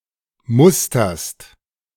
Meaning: second-person singular present of mustern
- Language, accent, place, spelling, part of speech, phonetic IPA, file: German, Germany, Berlin, musterst, verb, [ˈmʊstɐst], De-musterst.ogg